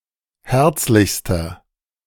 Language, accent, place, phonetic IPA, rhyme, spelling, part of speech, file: German, Germany, Berlin, [ˈhɛʁt͡slɪçstɐ], -ɛʁt͡slɪçstɐ, herzlichster, adjective, De-herzlichster.ogg
- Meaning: inflection of herzlich: 1. strong/mixed nominative masculine singular superlative degree 2. strong genitive/dative feminine singular superlative degree 3. strong genitive plural superlative degree